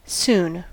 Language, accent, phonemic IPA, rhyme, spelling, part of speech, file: English, US, /sun/, -uːn, soon, adjective / adverb, En-us-soon.ogg
- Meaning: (adjective) 1. Short in length of time from the present 2. Early 3. Used as an alternative to express 'to be going to' in the form 'to be soon to'; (adverb) Immediately, instantly